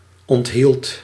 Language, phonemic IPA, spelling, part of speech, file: Dutch, /ɔntˈhilt/, onthield, verb, Nl-onthield.ogg
- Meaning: singular past indicative of onthouden